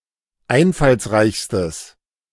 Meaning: strong/mixed nominative/accusative neuter singular superlative degree of einfallsreich
- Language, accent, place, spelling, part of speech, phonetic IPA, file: German, Germany, Berlin, einfallsreichstes, adjective, [ˈaɪ̯nfalsˌʁaɪ̯çstəs], De-einfallsreichstes.ogg